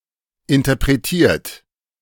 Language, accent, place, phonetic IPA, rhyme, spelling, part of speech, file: German, Germany, Berlin, [ɪntɐpʁeˈtiːɐ̯t], -iːɐ̯t, interpretiert, verb, De-interpretiert.ogg
- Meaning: 1. past participle of interpretieren 2. inflection of interpretieren: third-person singular present 3. inflection of interpretieren: second-person plural present